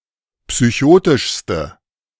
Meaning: inflection of psychotisch: 1. strong/mixed nominative/accusative feminine singular superlative degree 2. strong nominative/accusative plural superlative degree
- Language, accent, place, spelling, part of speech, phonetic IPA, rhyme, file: German, Germany, Berlin, psychotischste, adjective, [psyˈçoːtɪʃstə], -oːtɪʃstə, De-psychotischste.ogg